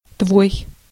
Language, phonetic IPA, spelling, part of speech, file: Russian, [tvoj], твой, pronoun, Ru-твой.ogg
- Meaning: your, yours, thy, thine (2nd-person familiar, singular only)